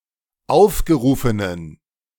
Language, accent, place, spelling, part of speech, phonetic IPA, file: German, Germany, Berlin, aufgerufenen, adjective, [ˈaʊ̯fɡəˌʁuːfənən], De-aufgerufenen.ogg
- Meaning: inflection of aufgerufen: 1. strong genitive masculine/neuter singular 2. weak/mixed genitive/dative all-gender singular 3. strong/weak/mixed accusative masculine singular 4. strong dative plural